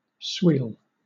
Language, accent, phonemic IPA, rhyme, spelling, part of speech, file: English, Southern England, /swiːl/, -iːl, sweal, verb, LL-Q1860 (eng)-sweal.wav
- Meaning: 1. To burn slowly 2. To melt and run down, as the tallow of a candle; waste away without feeding the flame 3. To singe; scorch; dress (as a hog) with burning or singeing 4. To consume with fire; burn